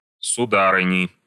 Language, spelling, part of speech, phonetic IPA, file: Russian, сударыни, noun, [sʊˈdarɨnʲɪ], Ru-сударыни.ogg
- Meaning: inflection of суда́рыня (sudárynja): 1. genitive singular 2. nominative plural